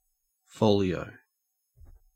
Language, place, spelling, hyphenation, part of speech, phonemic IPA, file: English, Queensland, folio, fo‧lio, noun / verb, /ˈfəʉliˌəʉ/, En-au-folio.ogg
- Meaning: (noun) 1. A leaf of a book or manuscript 2. A page of a book, that is, one side of a leaf of a book